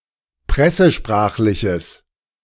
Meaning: strong/mixed nominative/accusative neuter singular of pressesprachlich
- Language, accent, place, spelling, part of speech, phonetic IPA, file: German, Germany, Berlin, pressesprachliches, adjective, [ˈpʁɛsəˌʃpʁaːxlɪçəs], De-pressesprachliches.ogg